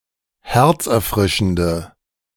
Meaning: inflection of herzerfrischend: 1. strong/mixed nominative/accusative feminine singular 2. strong nominative/accusative plural 3. weak nominative all-gender singular
- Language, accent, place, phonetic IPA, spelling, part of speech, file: German, Germany, Berlin, [ˈhɛʁt͡sʔɛɐ̯ˌfʁɪʃn̩də], herzerfrischende, adjective, De-herzerfrischende.ogg